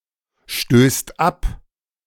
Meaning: second/third-person singular present of abstoßen
- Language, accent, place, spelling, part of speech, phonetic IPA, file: German, Germany, Berlin, stößt ab, verb, [ˌʃtøːst ˈap], De-stößt ab.ogg